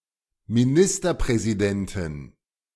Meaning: prime minister (female)
- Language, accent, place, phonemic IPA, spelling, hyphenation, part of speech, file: German, Germany, Berlin, /miˈnɪstɐpʁɛziˌdɛntɪn/, Ministerpräsidentin, Mi‧nis‧ter‧prä‧si‧den‧tin, noun, De-Ministerpräsidentin.ogg